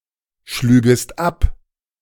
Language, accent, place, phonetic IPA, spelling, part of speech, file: German, Germany, Berlin, [ˌʃlyːɡəst ˈap], schlügest ab, verb, De-schlügest ab.ogg
- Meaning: second-person singular subjunctive II of abschlagen